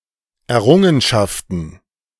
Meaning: plural of Errungenschaft
- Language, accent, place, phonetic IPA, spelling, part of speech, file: German, Germany, Berlin, [ɛɐ̯ˈʁʊŋənʃaftn̩], Errungenschaften, noun, De-Errungenschaften.ogg